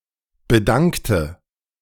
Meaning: inflection of bedanken: 1. first/third-person singular preterite 2. first/third-person singular subjunctive II
- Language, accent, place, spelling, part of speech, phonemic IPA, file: German, Germany, Berlin, bedankte, verb, /bə.ˈdaŋk.tə/, De-bedankte.ogg